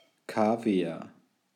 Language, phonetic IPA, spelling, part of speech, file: German, [ˈkaːvi̯aʁ], Kaviar, noun, De-Kaviar.ogg
- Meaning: 1. caviar 2. feces